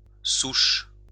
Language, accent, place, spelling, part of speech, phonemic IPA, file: French, France, Lyon, souche, noun, /suʃ/, LL-Q150 (fra)-souche.wav
- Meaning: 1. stump (of a tree) 2. strain 3. root 4. origin 5. founder